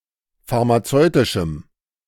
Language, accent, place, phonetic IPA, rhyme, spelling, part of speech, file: German, Germany, Berlin, [faʁmaˈt͡sɔɪ̯tɪʃm̩], -ɔɪ̯tɪʃm̩, pharmazeutischem, adjective, De-pharmazeutischem.ogg
- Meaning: strong dative masculine/neuter singular of pharmazeutisch